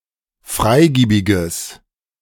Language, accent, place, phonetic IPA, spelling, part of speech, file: German, Germany, Berlin, [ˈfʁaɪ̯ˌɡiːbɪɡəs], freigiebiges, adjective, De-freigiebiges.ogg
- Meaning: strong/mixed nominative/accusative neuter singular of freigiebig